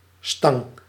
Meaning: bar (of metal, wood, etc.)
- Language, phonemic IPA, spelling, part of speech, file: Dutch, /stɑŋ/, stang, noun / verb, Nl-stang.ogg